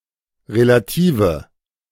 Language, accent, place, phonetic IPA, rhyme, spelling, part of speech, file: German, Germany, Berlin, [ʁelaˈtiːvə], -iːvə, relative, adjective, De-relative.ogg
- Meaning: inflection of relativ: 1. strong/mixed nominative/accusative feminine singular 2. strong nominative/accusative plural 3. weak nominative all-gender singular 4. weak accusative feminine/neuter singular